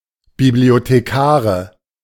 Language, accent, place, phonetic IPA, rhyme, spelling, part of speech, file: German, Germany, Berlin, [ˌbiblioteˈkaːʁə], -aːʁə, Bibliothekare, noun, De-Bibliothekare.ogg
- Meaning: nominative/accusative/genitive plural of Bibliothekar